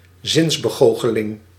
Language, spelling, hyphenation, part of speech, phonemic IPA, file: Dutch, zinsbegoocheling, zins‧be‧goo‧che‧ling, noun, /ˈzɪnz.bəˌɣoː.xə.lɪŋ/, Nl-zinsbegoocheling.ogg
- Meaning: illusion (something misperceived by the senses)